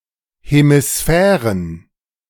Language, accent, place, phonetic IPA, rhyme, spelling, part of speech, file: German, Germany, Berlin, [hemiˈsfɛːʁən], -ɛːʁən, Hemisphären, noun, De-Hemisphären.ogg
- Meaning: plural of Hemisphäre